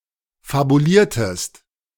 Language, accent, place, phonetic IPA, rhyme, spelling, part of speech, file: German, Germany, Berlin, [fabuˈliːɐ̯təst], -iːɐ̯təst, fabuliertest, verb, De-fabuliertest.ogg
- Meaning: inflection of fabulieren: 1. second-person singular preterite 2. second-person singular subjunctive II